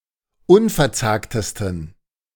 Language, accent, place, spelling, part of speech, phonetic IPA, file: German, Germany, Berlin, unverzagtesten, adjective, [ˈʊnfɛɐ̯ˌt͡saːktəstn̩], De-unverzagtesten.ogg
- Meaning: 1. superlative degree of unverzagt 2. inflection of unverzagt: strong genitive masculine/neuter singular superlative degree